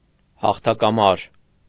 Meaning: triumphal arch
- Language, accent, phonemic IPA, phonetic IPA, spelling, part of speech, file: Armenian, Eastern Armenian, /hɑχtʰɑkɑˈmɑɾ/, [hɑχtʰɑkɑmɑ́ɾ], հաղթակամար, noun, Hy-հաղթակամար.ogg